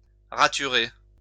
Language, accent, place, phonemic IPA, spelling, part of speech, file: French, France, Lyon, /ʁa.ty.ʁe/, raturer, verb, LL-Q150 (fra)-raturer.wav
- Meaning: 1. to cross out 2. to correct